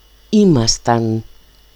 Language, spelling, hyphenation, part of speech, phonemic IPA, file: Greek, ήμασταν, ή‧μα‧σταν, verb, /ˈimastan/, El-ήμασταν.ogg
- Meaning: first-person plural imperfect of είμαι (eímai): "we were"